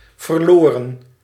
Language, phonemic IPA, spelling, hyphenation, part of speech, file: Dutch, /vərˈloːrə(n)/, verloren, ver‧lo‧ren, verb, Nl-verloren.ogg
- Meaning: 1. inflection of verliezen: plural past indicative 2. inflection of verliezen: plural past subjunctive 3. past participle of verliezen